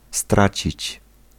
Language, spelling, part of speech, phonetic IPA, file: Polish, stracić, verb, [ˈstrat͡ɕit͡ɕ], Pl-stracić.ogg